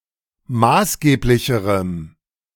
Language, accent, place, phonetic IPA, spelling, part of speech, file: German, Germany, Berlin, [ˈmaːsˌɡeːplɪçəʁəm], maßgeblicherem, adjective, De-maßgeblicherem.ogg
- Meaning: strong dative masculine/neuter singular comparative degree of maßgeblich